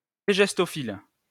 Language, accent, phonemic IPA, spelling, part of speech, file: French, France, /te.ʒɛs.tɔ.fil/, tégestophile, noun, LL-Q150 (fra)-tégestophile.wav
- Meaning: tegestologist